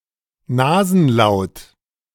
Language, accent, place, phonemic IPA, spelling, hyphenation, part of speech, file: German, Germany, Berlin, /ˈnaːzn̩ˌlaʊ̯t/, Nasenlaut, Na‧sen‧laut, noun, De-Nasenlaut.ogg
- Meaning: nasal